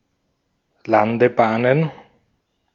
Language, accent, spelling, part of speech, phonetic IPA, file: German, Austria, Landebahnen, noun, [ˈlandəˌbaːnən], De-at-Landebahnen.ogg
- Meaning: plural of Landebahn